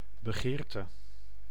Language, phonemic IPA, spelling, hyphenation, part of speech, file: Dutch, /bəˈɣeːr.tə/, begeerte, be‧geer‧te, noun, Nl-begeerte.ogg
- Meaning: desire, craving